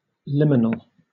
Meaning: Of or pertaining to an entrance or threshold
- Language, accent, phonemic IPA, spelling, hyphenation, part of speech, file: English, Southern England, /ˈlɪmən(ə)l/, liminal, li‧min‧al, adjective, LL-Q1860 (eng)-liminal.wav